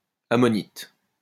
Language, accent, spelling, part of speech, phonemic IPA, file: French, France, ammonite, noun, /a.mɔ.nit/, LL-Q150 (fra)-ammonite.wav
- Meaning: ammonite